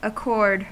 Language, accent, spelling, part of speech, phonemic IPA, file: English, US, accord, noun / verb, /əˈkɔɹd/, En-us-accord.ogg
- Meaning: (noun) 1. Agreement of opinion, will, or action 2. Agreement in pitch and tone; harmony, musical concord 3. Agreement or harmony of things in general